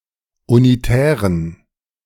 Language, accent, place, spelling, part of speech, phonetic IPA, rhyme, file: German, Germany, Berlin, unitären, adjective, [uniˈtɛːʁən], -ɛːʁən, De-unitären.ogg
- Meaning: inflection of unitär: 1. strong genitive masculine/neuter singular 2. weak/mixed genitive/dative all-gender singular 3. strong/weak/mixed accusative masculine singular 4. strong dative plural